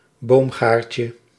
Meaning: diminutive of boomgaard
- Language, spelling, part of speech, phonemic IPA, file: Dutch, boomgaardje, noun, /ˈbomɣarcə/, Nl-boomgaardje.ogg